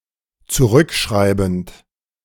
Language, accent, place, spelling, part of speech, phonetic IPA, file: German, Germany, Berlin, zurückschreibend, verb, [t͡suˈʁʏkˌʃʁaɪ̯bn̩t], De-zurückschreibend.ogg
- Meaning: present participle of zurückschreiben